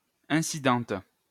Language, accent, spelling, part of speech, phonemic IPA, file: French, France, incidente, adjective, /ɛ̃.si.dɑ̃t/, LL-Q150 (fra)-incidente.wav
- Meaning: feminine singular of incident